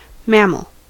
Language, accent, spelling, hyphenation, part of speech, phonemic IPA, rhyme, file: English, US, mammal, mam‧mal, noun, /ˈmæməl/, -æməl, En-us-mammal.ogg
- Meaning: A vertebrate animal of the class Mammalia, characterized by being warm-blooded, having fur or hair and producing milk with which to feed their young